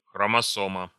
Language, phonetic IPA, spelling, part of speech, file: Russian, [xrəmɐˈsomə], хромосома, noun, Ru-хромосома.ogg
- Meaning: chromosome